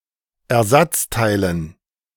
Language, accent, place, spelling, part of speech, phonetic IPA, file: German, Germany, Berlin, Ersatzteilen, noun, [ɛɐ̯ˈzat͡staɪ̯lən], De-Ersatzteilen.ogg
- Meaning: dative plural of Ersatzteil